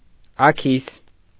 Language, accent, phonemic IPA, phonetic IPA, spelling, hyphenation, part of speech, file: Armenian, Eastern Armenian, /ɑˈkʰis/, [ɑkʰís], աքիս, ա‧քիս, noun, Hy-աքիս.ogg
- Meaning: weasel, least weasel (Mustela nivalis)